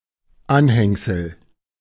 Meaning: 1. appendage, attachment 2. appendix
- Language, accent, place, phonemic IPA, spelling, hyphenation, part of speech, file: German, Germany, Berlin, /ˈanhɛŋzəl/, Anhängsel, An‧häng‧sel, noun, De-Anhängsel.ogg